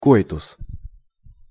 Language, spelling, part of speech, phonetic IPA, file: Russian, коитус, noun, [ˈkoɪtʊs], Ru-коитус.ogg
- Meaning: coitus (sexual interaction)